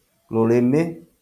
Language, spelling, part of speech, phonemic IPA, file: Kikuyu, rũrĩmĩ, noun, /ɾòɾèméꜜ/, LL-Q33587 (kik)-rũrĩmĩ.wav
- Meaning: tongue